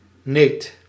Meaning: nit; egg of a louse
- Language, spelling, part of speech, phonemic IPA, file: Dutch, neet, noun, /net/, Nl-neet.ogg